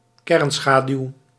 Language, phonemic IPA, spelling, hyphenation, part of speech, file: Dutch, /ˈkɛrnˌsxaː.dyu̯/, kernschaduw, kern‧scha‧duw, noun, Nl-kernschaduw.ogg
- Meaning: shadow, umbra (dark regions of a shadow)